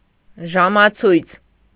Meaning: watch, clock
- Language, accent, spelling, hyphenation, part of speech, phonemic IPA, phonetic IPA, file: Armenian, Eastern Armenian, ժամացույց, ժա‧մա‧ցույց, noun, /ʒɑmɑˈt͡sʰujt͡sʰ/, [ʒɑmɑt͡sʰújt͡sʰ], Hy-ժամացույց.ogg